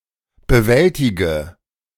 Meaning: inflection of bewältigen: 1. first-person singular present 2. first/third-person singular subjunctive I 3. singular imperative
- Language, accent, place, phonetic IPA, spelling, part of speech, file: German, Germany, Berlin, [bəˈvɛltɪɡə], bewältige, verb, De-bewältige.ogg